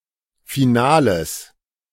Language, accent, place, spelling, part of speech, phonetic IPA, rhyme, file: German, Germany, Berlin, Finales, noun, [fiˈnaːləs], -aːləs, De-Finales.ogg
- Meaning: genitive singular of Finale